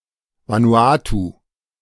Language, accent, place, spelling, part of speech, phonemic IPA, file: German, Germany, Berlin, Vanuatu, proper noun, /vanuˈaːtuː/, De-Vanuatu.ogg
- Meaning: Vanuatu (a country and archipelago of Melanesia in Oceania)